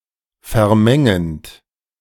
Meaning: present participle of vermengen
- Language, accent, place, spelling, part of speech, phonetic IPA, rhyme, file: German, Germany, Berlin, vermengend, verb, [fɛɐ̯ˈmɛŋənt], -ɛŋənt, De-vermengend.ogg